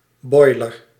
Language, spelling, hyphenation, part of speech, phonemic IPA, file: Dutch, boiler, boi‧ler, noun, /ˈbɔi̯.lər/, Nl-boiler.ogg
- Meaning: water heater